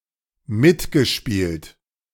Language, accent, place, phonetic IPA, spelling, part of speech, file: German, Germany, Berlin, [ˈmɪtɡəˌʃpiːlt], mitgespielt, verb, De-mitgespielt.ogg
- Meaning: past participle of mitspielen